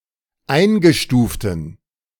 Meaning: inflection of eingestuft: 1. strong genitive masculine/neuter singular 2. weak/mixed genitive/dative all-gender singular 3. strong/weak/mixed accusative masculine singular 4. strong dative plural
- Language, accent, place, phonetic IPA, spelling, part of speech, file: German, Germany, Berlin, [ˈaɪ̯nɡəˌʃtuːftn̩], eingestuften, adjective, De-eingestuften.ogg